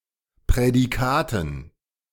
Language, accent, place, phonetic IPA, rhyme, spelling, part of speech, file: German, Germany, Berlin, [pʁɛdiˈkaːtn̩], -aːtn̩, Prädikaten, noun, De-Prädikaten.ogg
- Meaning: dative plural of Prädikat